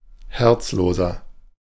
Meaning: 1. comparative degree of herzlos 2. inflection of herzlos: strong/mixed nominative masculine singular 3. inflection of herzlos: strong genitive/dative feminine singular
- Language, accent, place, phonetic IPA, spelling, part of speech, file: German, Germany, Berlin, [ˈhɛʁt͡sˌloːzɐ], herzloser, adjective, De-herzloser.ogg